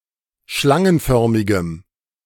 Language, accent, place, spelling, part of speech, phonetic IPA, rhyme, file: German, Germany, Berlin, schlangenförmigem, adjective, [ˈʃlaŋənˌfœʁmɪɡəm], -aŋənfœʁmɪɡəm, De-schlangenförmigem.ogg
- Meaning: strong dative masculine/neuter singular of schlangenförmig